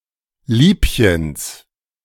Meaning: genitive singular of Liebchen
- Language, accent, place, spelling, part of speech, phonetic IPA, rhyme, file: German, Germany, Berlin, Liebchens, noun, [ˈliːpçəns], -iːpçəns, De-Liebchens.ogg